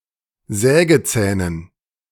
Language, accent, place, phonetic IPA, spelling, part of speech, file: German, Germany, Berlin, [ˈzɛːɡəˌt͡sɛːnən], Sägezähnen, noun, De-Sägezähnen.ogg
- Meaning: dative plural of Sägezahn